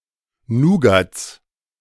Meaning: 1. genitive singular of Nougat 2. plural of Nougat
- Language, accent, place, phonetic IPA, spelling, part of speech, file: German, Germany, Berlin, [ˈnuːɡat͡s], Nougats, noun, De-Nougats.ogg